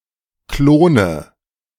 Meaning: inflection of klonen: 1. first-person singular present 2. first/third-person singular subjunctive I 3. singular imperative
- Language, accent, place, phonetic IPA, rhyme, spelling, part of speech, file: German, Germany, Berlin, [ˈkloːnə], -oːnə, klone, verb, De-klone.ogg